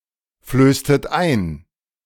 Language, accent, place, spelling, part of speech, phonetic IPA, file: German, Germany, Berlin, flößtet ein, verb, [ˌfløːstət ˈaɪ̯n], De-flößtet ein.ogg
- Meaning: inflection of einflößen: 1. second-person plural preterite 2. second-person plural subjunctive II